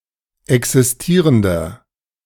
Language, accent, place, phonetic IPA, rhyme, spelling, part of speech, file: German, Germany, Berlin, [ˌɛksɪsˈtiːʁəndɐ], -iːʁəndɐ, existierender, adjective, De-existierender.ogg
- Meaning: inflection of existierend: 1. strong/mixed nominative masculine singular 2. strong genitive/dative feminine singular 3. strong genitive plural